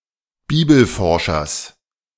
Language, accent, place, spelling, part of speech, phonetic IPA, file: German, Germany, Berlin, Bibelforschers, noun, [ˈbiːbl̩ˌfɔʁʃɐs], De-Bibelforschers.ogg
- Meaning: genitive of Bibelforscher